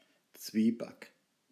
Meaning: zwieback (toasted sweetened bread)
- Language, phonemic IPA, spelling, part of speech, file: German, /ˈt͡sviːbak/, Zwieback, noun, De-Zwieback.ogg